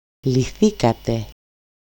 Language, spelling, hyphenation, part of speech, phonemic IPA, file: Greek, λυθήκατε, λυ‧θή‧κα‧τε, verb, /liˈθikate/, El-λυθήκατε.ogg
- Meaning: second-person plural simple past passive indicative of λύνω (lýno)